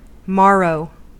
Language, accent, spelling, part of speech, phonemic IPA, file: English, US, morrow, noun / verb, /ˈmɑɹoʊ/, En-us-morrow.ogg
- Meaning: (noun) 1. The next or following day 2. Morning; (verb) To dawn